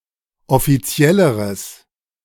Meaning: strong/mixed nominative/accusative neuter singular comparative degree of offiziell
- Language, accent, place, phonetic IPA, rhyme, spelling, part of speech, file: German, Germany, Berlin, [ɔfiˈt͡si̯ɛləʁəs], -ɛləʁəs, offizielleres, adjective, De-offizielleres.ogg